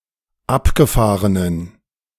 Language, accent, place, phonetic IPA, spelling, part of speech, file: German, Germany, Berlin, [ˈapɡəˌfaːʁənən], abgefahrenen, adjective, De-abgefahrenen.ogg
- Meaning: inflection of abgefahren: 1. strong genitive masculine/neuter singular 2. weak/mixed genitive/dative all-gender singular 3. strong/weak/mixed accusative masculine singular 4. strong dative plural